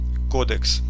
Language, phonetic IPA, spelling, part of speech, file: Russian, [ˈkodɨks], кодекс, noun, Ru-кодекс.ogg
- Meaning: 1. code 2. code (of conduct) 3. codex (early manuscript book)